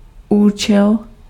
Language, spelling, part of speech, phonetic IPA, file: Czech, účel, noun, [ˈuːt͡ʃɛl], Cs-účel.ogg
- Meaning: purpose, end